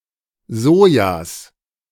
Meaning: genitive of Soja
- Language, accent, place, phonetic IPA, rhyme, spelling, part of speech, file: German, Germany, Berlin, [ˈzoːjas], -oːjas, Sojas, noun, De-Sojas.ogg